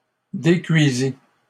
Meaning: third-person singular past historic of décuire
- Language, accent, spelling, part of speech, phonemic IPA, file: French, Canada, décuisit, verb, /de.kɥi.zi/, LL-Q150 (fra)-décuisit.wav